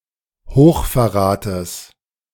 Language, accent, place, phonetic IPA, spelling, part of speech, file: German, Germany, Berlin, [ˈhoːxfɛɐ̯ˌʁaːtəs], Hochverrates, noun, De-Hochverrates.ogg
- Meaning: genitive singular of Hochverrat